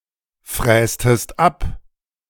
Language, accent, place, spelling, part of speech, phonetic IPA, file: German, Germany, Berlin, frästest ab, verb, [ˌfʁɛːstəst ˈap], De-frästest ab.ogg
- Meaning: inflection of abfräsen: 1. second-person singular preterite 2. second-person singular subjunctive II